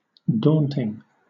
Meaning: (adjective) 1. Discouraging; inspiring fear 2. Intimidatingly impressive; awe-inspiring, overwhelming 3. Appearing to be difficult; challenging
- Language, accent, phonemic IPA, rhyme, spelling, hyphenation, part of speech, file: English, Southern England, /ˈdɔːntɪŋ/, -ɔːntɪŋ, daunting, daunt‧ing, adjective / noun / verb, LL-Q1860 (eng)-daunting.wav